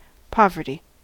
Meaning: 1. The quality or state of being poor; lack of money 2. A deficiency of something needed or desired
- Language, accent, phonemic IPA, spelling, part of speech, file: English, US, /ˈpɑːvɚti/, poverty, noun, En-us-poverty.ogg